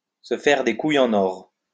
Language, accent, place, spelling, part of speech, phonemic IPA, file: French, France, Lyon, se faire des couilles en or, verb, /sə fɛʁ de ku.j‿ɑ̃.n‿ɔʁ/, LL-Q150 (fra)-se faire des couilles en or.wav
- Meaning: to make a bundle, to make a mint, to be minting it, to rake in money hand over fist